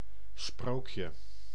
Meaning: 1. fairy tale: a usually old, allegorical short story 2. fairy tale: story presented as true that is not believable 3. dream come true (very desirable life)
- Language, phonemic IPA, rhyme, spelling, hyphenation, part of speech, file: Dutch, /ˈsproːk.jə/, -oːkjə, sprookje, sprook‧je, noun, Nl-sprookje.ogg